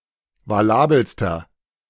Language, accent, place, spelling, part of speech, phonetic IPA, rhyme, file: German, Germany, Berlin, valabelster, adjective, [vaˈlaːbl̩stɐ], -aːbl̩stɐ, De-valabelster.ogg
- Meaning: inflection of valabel: 1. strong/mixed nominative masculine singular superlative degree 2. strong genitive/dative feminine singular superlative degree 3. strong genitive plural superlative degree